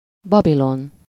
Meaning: Babylon (an ancient city, the ancient capital of Babylonia in modern Iraq, built on the banks of the Euphrates)
- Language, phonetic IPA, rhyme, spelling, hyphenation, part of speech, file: Hungarian, [ˈbɒbilon], -on, Babilon, Ba‧bi‧lon, proper noun, Hu-Babilon.ogg